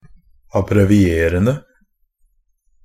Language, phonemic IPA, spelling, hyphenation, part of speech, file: Norwegian Bokmål, /abrɛʋɪˈeːrən(d)ə/, abbrevierende, ab‧bre‧vi‧e‧ren‧de, verb, NB - Pronunciation of Norwegian Bokmål «abbrevierende».ogg
- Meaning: present participle of abbreviere